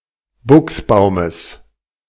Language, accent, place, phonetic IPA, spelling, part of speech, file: German, Germany, Berlin, [ˈbʊksˌbaʊ̯məs], Buchsbaumes, noun, De-Buchsbaumes.ogg
- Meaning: genitive of Buchsbaum